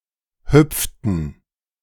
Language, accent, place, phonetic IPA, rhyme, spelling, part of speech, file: German, Germany, Berlin, [ˈhʏp͡ftn̩], -ʏp͡ftn̩, hüpften, verb, De-hüpften.ogg
- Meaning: inflection of hüpfen: 1. first/third-person plural preterite 2. first/third-person plural subjunctive II